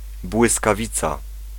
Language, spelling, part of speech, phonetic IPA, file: Polish, błyskawica, noun, [ˌbwɨskaˈvʲit͡sa], Pl-błyskawica.ogg